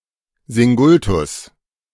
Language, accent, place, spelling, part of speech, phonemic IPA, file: German, Germany, Berlin, Singultus, noun, /ˈzɪŋʊltʊs/, De-Singultus.ogg
- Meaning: singultus (hiccups)